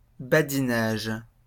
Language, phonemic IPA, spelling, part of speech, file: French, /ba.di.naʒ/, badinage, noun, LL-Q150 (fra)-badinage.wav
- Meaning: 1. joke; gag; wind-up 2. a trivial, simple task